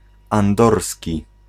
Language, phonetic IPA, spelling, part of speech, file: Polish, [ãnˈdɔrsʲci], andorski, adjective, Pl-andorski.ogg